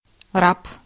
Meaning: slave, serf, bondslave (in common sense and about male person, not female separately)
- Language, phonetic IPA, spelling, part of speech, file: Russian, [rap], раб, noun, Ru-раб.ogg